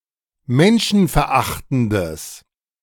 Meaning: strong/mixed nominative/accusative neuter singular of menschenverachtend
- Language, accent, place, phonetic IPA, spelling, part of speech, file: German, Germany, Berlin, [ˈmɛnʃn̩fɛɐ̯ˌʔaxtn̩dəs], menschenverachtendes, adjective, De-menschenverachtendes.ogg